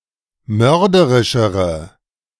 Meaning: inflection of mörderisch: 1. strong/mixed nominative/accusative feminine singular comparative degree 2. strong nominative/accusative plural comparative degree
- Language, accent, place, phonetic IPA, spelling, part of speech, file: German, Germany, Berlin, [ˈmœʁdəʁɪʃəʁə], mörderischere, adjective, De-mörderischere.ogg